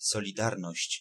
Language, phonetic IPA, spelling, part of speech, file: Polish, [ˌsɔlʲiˈdarnɔɕt͡ɕ], solidarność, noun, Pl-solidarność.ogg